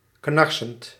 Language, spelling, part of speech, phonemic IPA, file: Dutch, knarsend, verb / adjective, /ˈknɑrsənt/, Nl-knarsend.ogg
- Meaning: present participle of knarsen